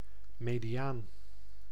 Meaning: 1. median (statistical measure of central tendency) 2. pica: 12-point type 3. a former Nederland paper size, 470 mm × 560 mm
- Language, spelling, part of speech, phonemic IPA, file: Dutch, mediaan, noun, /ˌmediˈjan/, Nl-mediaan.ogg